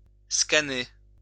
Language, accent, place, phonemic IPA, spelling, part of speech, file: French, France, Lyon, /ska.ne/, scanner, verb, LL-Q150 (fra)-scanner.wav
- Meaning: to scan (to create a digital copy of an image using a scanner)